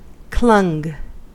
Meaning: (verb) simple past and past participle of cling; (adjective) Shrunken; wasted away
- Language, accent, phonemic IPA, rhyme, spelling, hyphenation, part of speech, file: English, US, /klʌŋ/, -ʌŋ, clung, clung, verb / adjective, En-us-clung.ogg